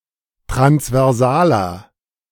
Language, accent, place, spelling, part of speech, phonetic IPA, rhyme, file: German, Germany, Berlin, transversaler, adjective, [tʁansvɛʁˈzaːlɐ], -aːlɐ, De-transversaler.ogg
- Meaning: inflection of transversal: 1. strong/mixed nominative masculine singular 2. strong genitive/dative feminine singular 3. strong genitive plural